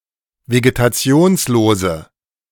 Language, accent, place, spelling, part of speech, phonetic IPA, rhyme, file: German, Germany, Berlin, vegetationslose, adjective, [veɡetaˈt͡si̯oːnsloːzə], -oːnsloːzə, De-vegetationslose.ogg
- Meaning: inflection of vegetationslos: 1. strong/mixed nominative/accusative feminine singular 2. strong nominative/accusative plural 3. weak nominative all-gender singular